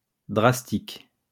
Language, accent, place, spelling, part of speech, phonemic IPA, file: French, France, Lyon, drastique, adjective, /dʁas.tik/, LL-Q150 (fra)-drastique.wav
- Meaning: 1. drastic 2. drastic, draconian, harsh